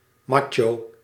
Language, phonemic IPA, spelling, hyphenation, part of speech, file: Dutch, /ˈmɑ.tʃoː/, macho, ma‧cho, adjective / noun, Nl-macho.ogg
- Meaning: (adjective) macho (pertaining to machismo); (noun) a macho male